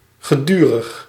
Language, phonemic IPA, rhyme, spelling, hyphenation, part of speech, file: Dutch, /ɣəˈdy.rəx/, -yrəx, gedurig, ge‧du‧rig, adjective, Nl-gedurig.ogg
- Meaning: 1. continuous 2. repeated, frequent